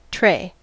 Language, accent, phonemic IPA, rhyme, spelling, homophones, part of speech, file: English, US, /tɹeɪ/, -eɪ, tray, trey, noun / verb, En-us-tray.ogg
- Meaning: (noun) 1. A small, typically rectangular or round, flat, and rigid object upon which things are carried 2. The items on a full tray